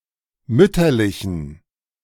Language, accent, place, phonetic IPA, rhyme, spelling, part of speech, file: German, Germany, Berlin, [ˈmʏtɐlɪçn̩], -ʏtɐlɪçn̩, mütterlichen, adjective, De-mütterlichen.ogg
- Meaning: inflection of mütterlich: 1. strong genitive masculine/neuter singular 2. weak/mixed genitive/dative all-gender singular 3. strong/weak/mixed accusative masculine singular 4. strong dative plural